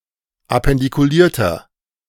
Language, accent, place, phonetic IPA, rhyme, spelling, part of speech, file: German, Germany, Berlin, [apɛndikuˈliːɐ̯tɐ], -iːɐ̯tɐ, appendikulierter, adjective, De-appendikulierter.ogg
- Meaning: 1. comparative degree of appendikuliert 2. inflection of appendikuliert: strong/mixed nominative masculine singular 3. inflection of appendikuliert: strong genitive/dative feminine singular